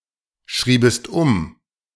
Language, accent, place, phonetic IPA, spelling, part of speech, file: German, Germany, Berlin, [ˌʃʁiːbəst ˈʊm], schriebest um, verb, De-schriebest um.ogg
- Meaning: second-person singular subjunctive II of umschreiben